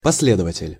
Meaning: follower
- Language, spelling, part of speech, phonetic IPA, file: Russian, последователь, noun, [pɐs⁽ʲ⁾ˈlʲedəvətʲɪlʲ], Ru-последователь.ogg